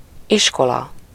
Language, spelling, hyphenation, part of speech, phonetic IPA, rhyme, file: Hungarian, iskola, is‧ko‧la, noun, [ˈiʃkolɒ], -lɒ, Hu-iskola.ogg
- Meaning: school (an institution dedicated to teaching and learning)